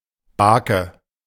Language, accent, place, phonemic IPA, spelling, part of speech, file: German, Germany, Berlin, /ˈbaːkə/, Bake, noun, De-Bake.ogg
- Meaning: 1. nautical traffic sign or buoy 2. a kind of road sign(s), used in Germany e.g. at level crossings